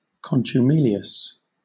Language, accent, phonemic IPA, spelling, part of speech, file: English, Southern England, /ˌkɒn.tjʊˈmiː.li.əs/, contumelious, adjective, LL-Q1860 (eng)-contumelious.wav
- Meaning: Rudely contemptuous; showing contumely; exhibiting an insolent or disdainful attitude